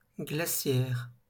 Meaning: glacial
- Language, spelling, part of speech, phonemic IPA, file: French, glaciaire, adjective, /ɡla.sjɛʁ/, LL-Q150 (fra)-glaciaire.wav